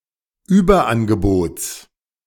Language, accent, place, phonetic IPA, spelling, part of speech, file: German, Germany, Berlin, [ˈyːbɐˌʔanɡəboːt͡s], Überangebots, noun, De-Überangebots.ogg
- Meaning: genitive singular of Überangebot